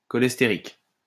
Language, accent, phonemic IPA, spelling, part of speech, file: French, France, /kɔ.lɛs.te.ʁik/, cholestérique, adjective, LL-Q150 (fra)-cholestérique.wav
- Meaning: cholesteric